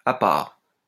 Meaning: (adverb) apart; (adjective) exceptional, special; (preposition) apart from, except
- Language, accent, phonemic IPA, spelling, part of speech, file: French, France, /a paʁ/, à part, adverb / adjective / preposition, LL-Q150 (fra)-à part.wav